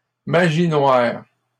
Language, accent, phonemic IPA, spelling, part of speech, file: French, Canada, /ma.ʒi nwaʁ/, magie noire, noun, LL-Q150 (fra)-magie noire.wav
- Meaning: black magic